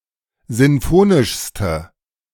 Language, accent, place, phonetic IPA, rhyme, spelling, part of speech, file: German, Germany, Berlin, [ˌzɪnˈfoːnɪʃstə], -oːnɪʃstə, sinfonischste, adjective, De-sinfonischste.ogg
- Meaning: inflection of sinfonisch: 1. strong/mixed nominative/accusative feminine singular superlative degree 2. strong nominative/accusative plural superlative degree